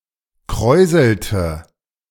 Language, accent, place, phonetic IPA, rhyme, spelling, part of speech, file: German, Germany, Berlin, [ˈkʁɔɪ̯zl̩tə], -ɔɪ̯zl̩tə, kräuselte, verb, De-kräuselte.ogg
- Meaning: inflection of kräuseln: 1. first/third-person singular preterite 2. first/third-person singular subjunctive II